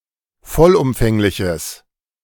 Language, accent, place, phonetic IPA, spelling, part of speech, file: German, Germany, Berlin, [ˈfɔlʔʊmfɛŋlɪçəs], vollumfängliches, adjective, De-vollumfängliches.ogg
- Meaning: strong/mixed nominative/accusative neuter singular of vollumfänglich